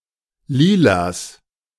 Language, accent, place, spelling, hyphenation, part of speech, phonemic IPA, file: German, Germany, Berlin, Lilas, Li‧las, noun, /ˈliːlas/, De-Lilas.ogg
- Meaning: genitive singular of Lila